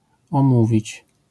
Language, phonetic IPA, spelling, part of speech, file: Polish, [ɔ̃ˈmuvʲit͡ɕ], omówić, verb, LL-Q809 (pol)-omówić.wav